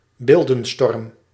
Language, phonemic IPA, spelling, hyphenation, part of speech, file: Dutch, /ˈbeːl.də(n)ˌstɔrm/, Beeldenstorm, Beel‧den‧storm, proper noun, Nl-Beeldenstorm.ogg
- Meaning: Great Iconoclasm (wave of iconoclasm during the 1560s)